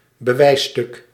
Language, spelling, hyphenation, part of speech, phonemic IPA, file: Dutch, bewijsstuk, be‧wijs‧stuk, noun, /bəˈʋɛi̯(s)ˌstʏk/, Nl-bewijsstuk.ogg
- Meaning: a piece of evidence, esp. an attesting document